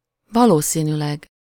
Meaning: probably (in all likelihood)
- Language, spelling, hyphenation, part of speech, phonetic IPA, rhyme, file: Hungarian, valószínűleg, va‧ló‧szí‧nű‧leg, adverb, [ˈvɒloːsiːnyːlɛɡ], -ɛɡ, Hu-valószínűleg.ogg